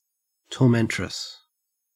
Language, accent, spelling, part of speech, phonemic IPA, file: English, Australia, tormentress, noun, /tɔɹˈmɛn.tɹəs/, En-au-tormentress.ogg
- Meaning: A female tormentor